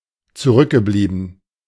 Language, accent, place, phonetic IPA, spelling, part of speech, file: German, Germany, Berlin, [t͡suˈʁʏkɡəˌbliːbn̩], zurückgeblieben, verb, De-zurückgeblieben.ogg
- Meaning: past participle of zurückbleiben